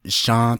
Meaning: sunshine
- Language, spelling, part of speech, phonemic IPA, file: Navajo, shą́ą́ʼ, noun, /ʃɑ̃́ː/, Nv-shą́ą́ʼ.ogg